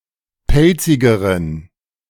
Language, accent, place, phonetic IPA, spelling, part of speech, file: German, Germany, Berlin, [ˈpɛlt͡sɪɡəʁən], pelzigeren, adjective, De-pelzigeren.ogg
- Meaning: inflection of pelzig: 1. strong genitive masculine/neuter singular comparative degree 2. weak/mixed genitive/dative all-gender singular comparative degree